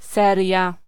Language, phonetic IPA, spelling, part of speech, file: Polish, [ˈsɛrʲja], seria, noun, Pl-seria.ogg